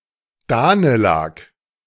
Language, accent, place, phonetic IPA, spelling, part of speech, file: German, Germany, Berlin, [ˈdaːnəˌlak], Danelag, noun, De-Danelag.ogg
- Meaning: the Danelaw